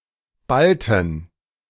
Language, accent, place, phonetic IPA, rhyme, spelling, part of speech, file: German, Germany, Berlin, [ˈbaltn̩], -altn̩, ballten, verb, De-ballten.ogg
- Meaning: inflection of ballen: 1. first/third-person plural preterite 2. first/third-person plural subjunctive II